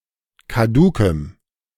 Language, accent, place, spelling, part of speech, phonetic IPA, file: German, Germany, Berlin, kadukem, adjective, [kaˈduːkəm], De-kadukem.ogg
- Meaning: strong dative masculine/neuter singular of kaduk